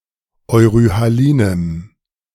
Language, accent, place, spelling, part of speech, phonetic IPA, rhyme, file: German, Germany, Berlin, euryhalinem, adjective, [ɔɪ̯ʁyhaˈliːnəm], -iːnəm, De-euryhalinem.ogg
- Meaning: strong dative masculine/neuter singular of euryhalin